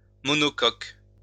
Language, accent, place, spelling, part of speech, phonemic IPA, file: French, France, Lyon, monocoque, noun, /mɔ.nɔ.kɔk/, LL-Q150 (fra)-monocoque.wav
- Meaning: 1. monocoque 2. monohull